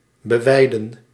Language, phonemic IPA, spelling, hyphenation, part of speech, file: Dutch, /bəˈʋɛi̯də(n)/, beweiden, be‧wei‧den, verb, Nl-beweiden.ogg
- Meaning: to graze, to make animals graze on